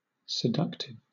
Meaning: Attractive, alluring, tempting
- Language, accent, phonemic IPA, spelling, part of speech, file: English, Southern England, /sɪˈdʌktɪv/, seductive, adjective, LL-Q1860 (eng)-seductive.wav